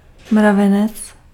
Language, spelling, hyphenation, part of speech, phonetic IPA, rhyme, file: Czech, mravenec, mra‧ve‧nec, noun, [ˈmravɛnɛt͡s], -ɛnɛts, Cs-mravenec.ogg
- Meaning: ant